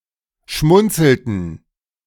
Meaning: inflection of schmunzeln: 1. first/third-person plural preterite 2. first/third-person plural subjunctive II
- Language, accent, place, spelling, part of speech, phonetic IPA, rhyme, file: German, Germany, Berlin, schmunzelten, verb, [ˈʃmʊnt͡sl̩tn̩], -ʊnt͡sl̩tn̩, De-schmunzelten.ogg